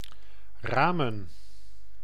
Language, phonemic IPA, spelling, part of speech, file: Dutch, /ˈraːmə(n)/, ramen, verb / noun, Nl-ramen.ogg
- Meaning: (verb) 1. to make an estimate 2. to fix an estimate, to budget 3. to guess, to reckon, to deduce 4. to take aim (at), to watch, to observe 5. to hit